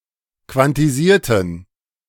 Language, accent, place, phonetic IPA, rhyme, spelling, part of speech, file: German, Germany, Berlin, [kvantiˈziːɐ̯tn̩], -iːɐ̯tn̩, quantisierten, adjective / verb, De-quantisierten.ogg
- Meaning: inflection of quantisieren: 1. first/third-person plural preterite 2. first/third-person plural subjunctive II